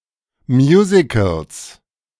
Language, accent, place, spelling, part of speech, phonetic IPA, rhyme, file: German, Germany, Berlin, Musicals, noun, [ˈmjuːzɪkl̩s], -uːzɪkl̩s, De-Musicals.ogg
- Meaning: plural of Musical